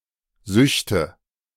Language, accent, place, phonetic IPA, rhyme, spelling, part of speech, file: German, Germany, Berlin, [ˈzʏçtə], -ʏçtə, Süchte, noun, De-Süchte.ogg
- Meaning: nominative/accusative/genitive plural of Sucht "addictions"